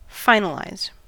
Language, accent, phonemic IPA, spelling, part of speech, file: English, US, /ˈfaɪ.nə.laɪz/, finalize, verb, En-us-finalize.ogg
- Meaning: 1. To make final or firm; to finish or complete 2. To prepare (an object) for garbage collection by calling its finalizer